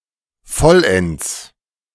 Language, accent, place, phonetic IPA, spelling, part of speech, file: German, Germany, Berlin, [ˈfɔlɛnt͡s], vollends, adverb, De-vollends.ogg
- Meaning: 1. completely, entirely 2. especially, particularly